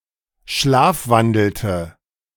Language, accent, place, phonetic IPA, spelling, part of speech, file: German, Germany, Berlin, [ˈʃlaːfˌvandl̩tə], schlafwandelte, verb, De-schlafwandelte.ogg
- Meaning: inflection of schlafwandeln: 1. first/third-person singular preterite 2. first/third-person singular subjunctive II